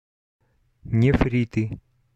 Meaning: nominative/accusative plural of нефри́т (nefrít)
- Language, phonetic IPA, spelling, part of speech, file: Russian, [nʲɪˈfrʲitɨ], нефриты, noun, Ru-нефриты.oga